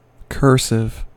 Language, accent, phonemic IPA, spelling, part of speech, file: English, US, /ˈkɝsɪv/, cursive, adjective / noun, En-us-cursive.ogg
- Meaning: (adjective) 1. Running; flowing 2. Having successive letters joined together 3. Of or relating to a grammatical aspect relating to an action that occurs in a straight line (in space or time)